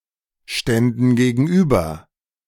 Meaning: first/third-person plural subjunctive II of gegenüberstehen
- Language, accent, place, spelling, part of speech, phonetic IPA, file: German, Germany, Berlin, ständen gegenüber, verb, [ˌʃtɛndn̩ ɡeːɡn̩ˈʔyːbɐ], De-ständen gegenüber.ogg